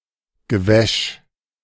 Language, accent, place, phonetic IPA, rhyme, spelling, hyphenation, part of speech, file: German, Germany, Berlin, [ɡəˈvɛʃ], -ɛʃ, Gewäsch, Ge‧wäsch, noun, De-Gewäsch.ogg
- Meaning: drivel, twaddle, claptrap